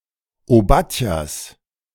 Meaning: genitive of Obadja
- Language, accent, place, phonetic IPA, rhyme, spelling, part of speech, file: German, Germany, Berlin, [oˈbatjas], -atjas, Obadjas, noun, De-Obadjas.ogg